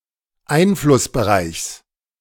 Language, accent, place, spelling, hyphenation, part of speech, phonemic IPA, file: German, Germany, Berlin, Einflussbereichs, Ein‧fluss‧be‧reichs, noun, /ˈaɪ̯nflʊsbəˌʁaɪ̯çs/, De-Einflussbereichs.ogg
- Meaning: genitive singular of Einflussbereich